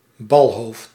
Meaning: headset; a bicycle part that connects the fork to the frame
- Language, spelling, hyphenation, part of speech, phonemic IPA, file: Dutch, balhoofd, bal‧hoofd, noun, /ˈbɑl.ɦoːft/, Nl-balhoofd.ogg